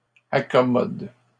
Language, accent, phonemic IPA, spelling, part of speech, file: French, Canada, /a.kɔ.mɔd/, accommode, verb, LL-Q150 (fra)-accommode.wav
- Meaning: inflection of accommoder: 1. first/third-person singular present indicative/subjunctive 2. second-person singular imperative